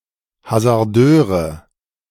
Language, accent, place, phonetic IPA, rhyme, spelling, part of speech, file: German, Germany, Berlin, [hazaʁˈdøːʁə], -øːʁə, Hasardeure, noun, De-Hasardeure.ogg
- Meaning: nominative/accusative/genitive plural of Hasardeur